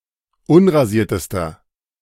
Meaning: inflection of unrasiert: 1. strong/mixed nominative masculine singular superlative degree 2. strong genitive/dative feminine singular superlative degree 3. strong genitive plural superlative degree
- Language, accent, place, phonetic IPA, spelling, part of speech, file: German, Germany, Berlin, [ˈʊnʁaˌziːɐ̯təstɐ], unrasiertester, adjective, De-unrasiertester.ogg